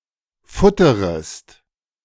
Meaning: second-person singular subjunctive I of futtern
- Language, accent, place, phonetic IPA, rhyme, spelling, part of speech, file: German, Germany, Berlin, [ˈfʊtəʁəst], -ʊtəʁəst, futterest, verb, De-futterest.ogg